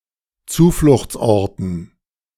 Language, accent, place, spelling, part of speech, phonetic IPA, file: German, Germany, Berlin, Zufluchtsorten, noun, [ˈt͡suːflʊxt͡sˌʔɔʁtn̩], De-Zufluchtsorten.ogg
- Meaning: dative plural of Zufluchtsort